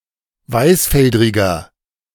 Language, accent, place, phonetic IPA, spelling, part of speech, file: German, Germany, Berlin, [ˈvaɪ̯sˌfɛldʁɪɡɐ], weißfeldriger, adjective, De-weißfeldriger.ogg
- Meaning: inflection of weißfeldrig: 1. strong/mixed nominative masculine singular 2. strong genitive/dative feminine singular 3. strong genitive plural